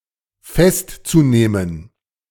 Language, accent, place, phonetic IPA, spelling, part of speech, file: German, Germany, Berlin, [ˈfɛstt͡suˌneːmən], festzunehmen, verb, De-festzunehmen.ogg
- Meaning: zu-infinitive of festnehmen